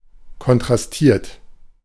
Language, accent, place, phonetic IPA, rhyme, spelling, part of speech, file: German, Germany, Berlin, [kɔntʁasˈtiːɐ̯t], -iːɐ̯t, kontrastiert, verb, De-kontrastiert.ogg
- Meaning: 1. past participle of kontrastieren 2. inflection of kontrastieren: third-person singular present 3. inflection of kontrastieren: second-person plural present